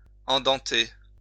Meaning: to provide with teeth
- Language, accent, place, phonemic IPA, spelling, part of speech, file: French, France, Lyon, /ɑ̃.dɑ̃.te/, endenter, verb, LL-Q150 (fra)-endenter.wav